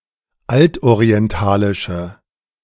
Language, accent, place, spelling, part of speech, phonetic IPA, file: German, Germany, Berlin, altorientalische, adjective, [ˈaltʔoʁiɛnˌtaːlɪʃə], De-altorientalische.ogg
- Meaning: inflection of altorientalisch: 1. strong/mixed nominative/accusative feminine singular 2. strong nominative/accusative plural 3. weak nominative all-gender singular